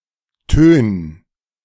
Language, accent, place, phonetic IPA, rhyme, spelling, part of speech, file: German, Germany, Berlin, [tøːn], -øːn, tön, verb, De-tön.ogg
- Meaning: 1. singular imperative of tönen 2. first-person singular present of tönen